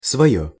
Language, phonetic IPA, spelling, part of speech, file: Russian, [svɐˈjɵ], своё, pronoun, Ru-своё.ogg
- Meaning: nominative/accusative neuter singular of свой (svoj)